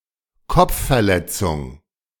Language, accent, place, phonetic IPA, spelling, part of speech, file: German, Germany, Berlin, [ˈkɔp͡ffɛɐ̯ˌlɛt͡sʊŋ], Kopfverletzung, noun, De-Kopfverletzung.ogg
- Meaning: head injury